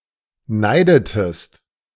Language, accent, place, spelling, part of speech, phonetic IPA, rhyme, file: German, Germany, Berlin, neidetest, verb, [ˈnaɪ̯dətəst], -aɪ̯dətəst, De-neidetest.ogg
- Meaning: inflection of neiden: 1. second-person singular preterite 2. second-person singular subjunctive II